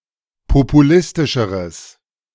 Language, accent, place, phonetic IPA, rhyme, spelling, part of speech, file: German, Germany, Berlin, [popuˈlɪstɪʃəʁəs], -ɪstɪʃəʁəs, populistischeres, adjective, De-populistischeres.ogg
- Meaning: strong/mixed nominative/accusative neuter singular comparative degree of populistisch